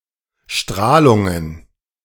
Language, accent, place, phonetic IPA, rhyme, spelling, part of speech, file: German, Germany, Berlin, [ˈʃtʁaːlʊŋən], -aːlʊŋən, Strahlungen, noun, De-Strahlungen.ogg
- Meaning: plural of Strahlung